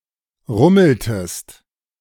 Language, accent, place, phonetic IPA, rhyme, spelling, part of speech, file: German, Germany, Berlin, [ˈʁʊml̩təst], -ʊml̩təst, rummeltest, verb, De-rummeltest.ogg
- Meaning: inflection of rummeln: 1. second-person singular preterite 2. second-person singular subjunctive II